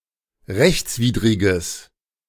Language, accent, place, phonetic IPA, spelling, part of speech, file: German, Germany, Berlin, [ˈʁɛçt͡sˌviːdʁɪɡəs], rechtswidriges, adjective, De-rechtswidriges.ogg
- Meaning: strong/mixed nominative/accusative neuter singular of rechtswidrig